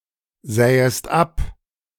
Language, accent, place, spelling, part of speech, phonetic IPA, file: German, Germany, Berlin, sähest ab, verb, [ˌzɛːəst ˈap], De-sähest ab.ogg
- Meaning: second-person singular subjunctive I of absehen